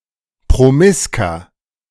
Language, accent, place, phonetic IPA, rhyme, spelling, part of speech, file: German, Germany, Berlin, [pʁoˈmɪskɐ], -ɪskɐ, promisker, adjective, De-promisker.ogg
- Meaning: 1. comparative degree of promisk 2. inflection of promisk: strong/mixed nominative masculine singular 3. inflection of promisk: strong genitive/dative feminine singular